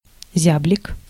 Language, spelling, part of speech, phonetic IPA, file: Russian, зяблик, noun, [ˈzʲablʲɪk], Ru-зяблик.ogg
- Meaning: chaffinch